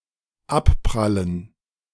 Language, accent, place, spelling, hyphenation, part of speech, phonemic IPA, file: German, Germany, Berlin, abprallen, ab‧pral‧len, verb, /ˈapˌpʁalən/, De-abprallen.ogg
- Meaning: to bounce off